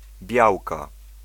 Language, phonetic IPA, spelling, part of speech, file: Polish, [ˈbʲjawka], białka, noun, Pl-białka.ogg